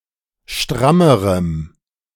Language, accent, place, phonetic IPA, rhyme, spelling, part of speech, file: German, Germany, Berlin, [ˈʃtʁaməʁəm], -aməʁəm, strammerem, adjective, De-strammerem.ogg
- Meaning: strong dative masculine/neuter singular comparative degree of stramm